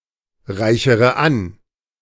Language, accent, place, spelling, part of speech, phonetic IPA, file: German, Germany, Berlin, reichere an, verb, [ˌʁaɪ̯çəʁə ˈan], De-reichere an.ogg
- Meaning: inflection of anreichern: 1. first-person singular present 2. first/third-person singular subjunctive I 3. singular imperative